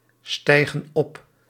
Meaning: inflection of opstijgen: 1. plural present indicative 2. plural present subjunctive
- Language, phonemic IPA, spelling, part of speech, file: Dutch, /ˈstɛiɣə(n) ˈɔp/, stijgen op, verb, Nl-stijgen op.ogg